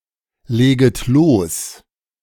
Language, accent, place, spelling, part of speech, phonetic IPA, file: German, Germany, Berlin, leget los, verb, [ˌleːɡət ˈloːs], De-leget los.ogg
- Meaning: second-person plural subjunctive I of loslegen